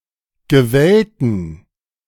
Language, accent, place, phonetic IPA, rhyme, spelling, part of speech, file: German, Germany, Berlin, [ɡəˈvɛltn̩], -ɛltn̩, gewellten, adjective, De-gewellten.ogg
- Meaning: inflection of gewellt: 1. strong genitive masculine/neuter singular 2. weak/mixed genitive/dative all-gender singular 3. strong/weak/mixed accusative masculine singular 4. strong dative plural